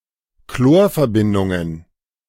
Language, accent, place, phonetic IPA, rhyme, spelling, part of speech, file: German, Germany, Berlin, [ˈkloːɐ̯fɛɐ̯ˌbɪndʊŋən], -oːɐ̯fɛɐ̯bɪndʊŋən, Chlorverbindungen, noun, De-Chlorverbindungen.ogg
- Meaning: plural of Chlorverbindung